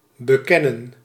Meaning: 1. to acknowledge, confess 2. to see, to make out, to discern 3. to have sex, to know, have carnal knowledge
- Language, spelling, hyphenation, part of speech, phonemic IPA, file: Dutch, bekennen, be‧ken‧nen, verb, /bəˈkɛnə(n)/, Nl-bekennen.ogg